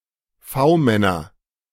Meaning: nominative/accusative/genitive plural of V-Mann
- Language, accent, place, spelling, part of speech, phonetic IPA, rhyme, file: German, Germany, Berlin, V-Männer, noun, [ˈfaʊ̯ˌmɛnɐ], -aʊ̯mɛnɐ, De-V-Männer.ogg